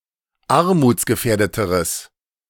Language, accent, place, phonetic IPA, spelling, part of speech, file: German, Germany, Berlin, [ˈaʁmuːt͡sɡəˌfɛːɐ̯dətəʁəs], armutsgefährdeteres, adjective, De-armutsgefährdeteres.ogg
- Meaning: strong/mixed nominative/accusative neuter singular comparative degree of armutsgefährdet